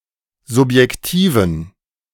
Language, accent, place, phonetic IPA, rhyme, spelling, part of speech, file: German, Germany, Berlin, [zʊpjɛkˈtiːvn̩], -iːvn̩, subjektiven, adjective, De-subjektiven.ogg
- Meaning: inflection of subjektiv: 1. strong genitive masculine/neuter singular 2. weak/mixed genitive/dative all-gender singular 3. strong/weak/mixed accusative masculine singular 4. strong dative plural